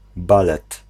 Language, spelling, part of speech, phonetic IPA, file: Polish, balet, noun, [ˈbalɛt], Pl-balet.ogg